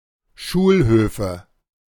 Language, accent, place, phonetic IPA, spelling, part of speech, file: German, Germany, Berlin, [ˈʃuːlˌhøːfə], Schulhöfe, noun, De-Schulhöfe.ogg
- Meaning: nominative/accusative/genitive plural of Schulhof